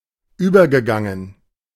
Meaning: past participle of übergehen
- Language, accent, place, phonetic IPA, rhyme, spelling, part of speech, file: German, Germany, Berlin, [ˈyːbɐɡəˌɡaŋən], -yːbɐɡəɡaŋən, übergegangen, verb, De-übergegangen.ogg